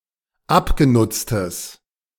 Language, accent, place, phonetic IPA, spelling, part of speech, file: German, Germany, Berlin, [ˈapɡeˌnʊt͡stəs], abgenutztes, adjective, De-abgenutztes.ogg
- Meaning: strong/mixed nominative/accusative neuter singular of abgenutzt